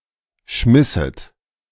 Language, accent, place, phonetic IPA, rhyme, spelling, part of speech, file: German, Germany, Berlin, [ˈʃmɪsət], -ɪsət, schmisset, verb, De-schmisset.ogg
- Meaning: second-person plural subjunctive II of schmeißen